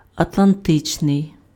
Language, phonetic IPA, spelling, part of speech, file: Ukrainian, [ɐtɫɐnˈtɪt͡ʃnei̯], атлантичний, adjective, Uk-атлантичний.ogg
- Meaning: Atlantic